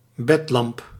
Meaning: bedlamp (bedside lamp)
- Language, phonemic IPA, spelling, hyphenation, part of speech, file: Dutch, /ˈbɛt.lɑmp/, bedlamp, bed‧lamp, noun, Nl-bedlamp.ogg